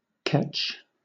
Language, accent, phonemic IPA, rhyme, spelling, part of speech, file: English, Southern England, /kɛt͡ʃ/, -ɛtʃ, ketch, noun / verb, LL-Q1860 (eng)-ketch.wav
- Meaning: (noun) A fore-and-aft rigged sailing vessel with two masts, main and mizzen, the mizzen being stepped forward of the rudder post; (verb) 1. Pronunciation spelling of catch 2. To hang; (noun) A hangman